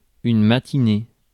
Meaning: 1. morning (time between sunrise and noon) 2. matinee (showing of a movie or performance before evening) 3. matinee (women's dress)
- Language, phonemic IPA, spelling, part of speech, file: French, /ma.ti.ne/, matinée, noun, Fr-matinée.ogg